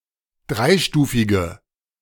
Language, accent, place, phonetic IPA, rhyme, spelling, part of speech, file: German, Germany, Berlin, [ˈdʁaɪ̯ˌʃtuːfɪɡə], -aɪ̯ʃtuːfɪɡə, dreistufige, adjective, De-dreistufige.ogg
- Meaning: inflection of dreistufig: 1. strong/mixed nominative/accusative feminine singular 2. strong nominative/accusative plural 3. weak nominative all-gender singular